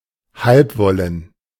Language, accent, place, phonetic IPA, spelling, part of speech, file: German, Germany, Berlin, [ˈhalpˌvɔlən], halbwollen, adjective, De-halbwollen.ogg
- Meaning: half-woolen